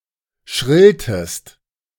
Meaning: inflection of schrillen: 1. second-person singular preterite 2. second-person singular subjunctive II
- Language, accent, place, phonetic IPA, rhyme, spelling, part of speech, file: German, Germany, Berlin, [ˈʃʁɪltəst], -ɪltəst, schrilltest, verb, De-schrilltest.ogg